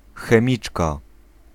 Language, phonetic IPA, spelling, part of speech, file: Polish, [xɛ̃ˈmʲit͡ʃka], chemiczka, noun, Pl-chemiczka.ogg